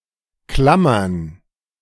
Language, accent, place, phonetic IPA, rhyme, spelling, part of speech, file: German, Germany, Berlin, [ˈklamɐn], -amɐn, klammern, verb, De-klammern.ogg
- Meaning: to cling